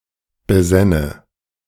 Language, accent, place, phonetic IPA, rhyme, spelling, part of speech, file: German, Germany, Berlin, [bəˈzɛnə], -ɛnə, besänne, verb, De-besänne.ogg
- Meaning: first/third-person singular subjunctive II of besinnen